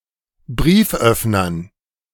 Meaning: dative plural of Brieföffner
- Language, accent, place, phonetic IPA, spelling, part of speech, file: German, Germany, Berlin, [ˈbʁiːfˌʔœfnɐn], Brieföffnern, noun, De-Brieföffnern.ogg